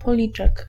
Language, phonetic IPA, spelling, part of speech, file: Polish, [pɔˈlʲit͡ʃɛk], policzek, noun, Pl-policzek.ogg